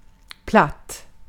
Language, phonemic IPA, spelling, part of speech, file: Swedish, /platː/, platt, adjective / adverb / noun, Sv-platt.ogg
- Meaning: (adjective) flat; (adverb) entirely, absolutely, at all; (noun) a flat piece of ground